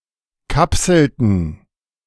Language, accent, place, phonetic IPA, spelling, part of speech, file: German, Germany, Berlin, [ˈkapsl̩tn̩], kapselten, verb, De-kapselten.ogg
- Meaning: inflection of kapseln: 1. first/third-person plural preterite 2. first/third-person plural subjunctive II